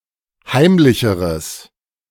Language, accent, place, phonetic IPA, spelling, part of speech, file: German, Germany, Berlin, [ˈhaɪ̯mlɪçəʁəs], heimlicheres, adjective, De-heimlicheres.ogg
- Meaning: strong/mixed nominative/accusative neuter singular comparative degree of heimlich